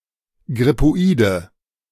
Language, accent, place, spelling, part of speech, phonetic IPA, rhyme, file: German, Germany, Berlin, grippoide, adjective, [ɡʁɪpoˈiːdə], -iːdə, De-grippoide.ogg
- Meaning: inflection of grippoid: 1. strong/mixed nominative/accusative feminine singular 2. strong nominative/accusative plural 3. weak nominative all-gender singular